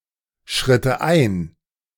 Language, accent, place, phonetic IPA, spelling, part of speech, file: German, Germany, Berlin, [ˌʃʁɪtə ˈʔaɪ̯n], schritte ein, verb, De-schritte ein.ogg
- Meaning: first/third-person singular subjunctive II of einschreiten